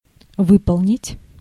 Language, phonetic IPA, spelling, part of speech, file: Russian, [ˈvɨpəɫnʲɪtʲ], выполнить, verb, Ru-выполнить.ogg
- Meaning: 1. to carry out, to implement, to accomplish, to fulfill, to execute, to perform 2. to make up, to create